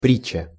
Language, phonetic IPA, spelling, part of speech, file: Russian, [ˈprʲit͡ɕːə], притча, noun, Ru-притча.ogg
- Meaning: 1. parable, fable 2. an unexpected event, occurrence